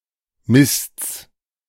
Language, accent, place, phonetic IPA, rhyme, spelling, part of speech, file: German, Germany, Berlin, [mɪst͡s], -ɪst͡s, Mists, noun, De-Mists.ogg
- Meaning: genitive singular of Mist